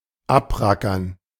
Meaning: to toil away
- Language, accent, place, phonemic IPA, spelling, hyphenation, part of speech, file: German, Germany, Berlin, /ˈapˌʁakɐn/, abrackern, ab‧ra‧ckern, verb, De-abrackern.ogg